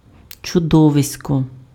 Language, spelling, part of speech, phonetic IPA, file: Ukrainian, чудовисько, noun, [t͡ʃʊˈdɔʋesʲkɔ], Uk-чудовисько.ogg
- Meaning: 1. monster, monstrous animal 2. monster (huge animal) 3. monster, monstrous person 4. monster (huge person)